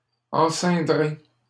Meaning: second-person plural simple future of enceindre
- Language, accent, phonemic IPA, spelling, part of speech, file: French, Canada, /ɑ̃.sɛ̃.dʁe/, enceindrez, verb, LL-Q150 (fra)-enceindrez.wav